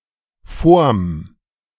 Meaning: Contraction of vor and dem
- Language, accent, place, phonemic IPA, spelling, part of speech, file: German, Germany, Berlin, /ˈfoːɐ̯m/, vorm, contraction, De-vorm.ogg